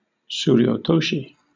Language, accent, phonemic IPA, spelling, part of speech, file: English, Southern England, /ˌ(t)suːɹioʊˈtoʊʃi/, tsuriotoshi, noun, LL-Q1860 (eng)-tsuriotoshi.wav
- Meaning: A kimarite in which the attacker grips his opponent's mawashi, lifts him, and swings him sideways and down. A lifting bodyslam